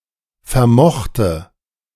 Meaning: first/third-person singular preterite of vermögen
- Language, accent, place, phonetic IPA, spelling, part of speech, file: German, Germany, Berlin, [fɛɐ̯ˈmɔxtə], vermochte, verb, De-vermochte.ogg